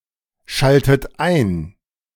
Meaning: inflection of einschalten: 1. third-person singular present 2. second-person plural present 3. second-person plural subjunctive I 4. plural imperative
- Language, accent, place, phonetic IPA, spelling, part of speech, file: German, Germany, Berlin, [ˌʃaltət ˈaɪ̯n], schaltet ein, verb, De-schaltet ein.ogg